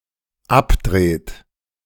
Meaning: inflection of abdrehen: 1. third-person singular dependent present 2. second-person plural dependent present
- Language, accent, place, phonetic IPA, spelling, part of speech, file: German, Germany, Berlin, [ˈapˌdʁeːt], abdreht, verb, De-abdreht.ogg